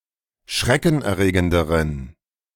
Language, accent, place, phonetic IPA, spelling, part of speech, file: German, Germany, Berlin, [ˈʃʁɛkn̩ʔɛɐ̯ˌʁeːɡəndəʁən], schreckenerregenderen, adjective, De-schreckenerregenderen.ogg
- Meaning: inflection of schreckenerregend: 1. strong genitive masculine/neuter singular comparative degree 2. weak/mixed genitive/dative all-gender singular comparative degree